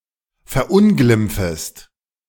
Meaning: second-person singular subjunctive I of verunglimpfen
- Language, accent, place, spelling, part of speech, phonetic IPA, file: German, Germany, Berlin, verunglimpfest, verb, [fɛɐ̯ˈʔʊnɡlɪmp͡fəst], De-verunglimpfest.ogg